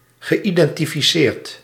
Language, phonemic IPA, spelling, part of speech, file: Dutch, /ɣəˌidɛntifiˈsert/, geïdentificeerd, verb, Nl-geïdentificeerd.ogg
- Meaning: past participle of identificeren